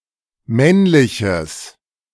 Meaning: strong/mixed nominative/accusative neuter singular of männlich
- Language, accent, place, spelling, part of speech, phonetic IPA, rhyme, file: German, Germany, Berlin, männliches, adjective, [ˈmɛnlɪçəs], -ɛnlɪçəs, De-männliches.ogg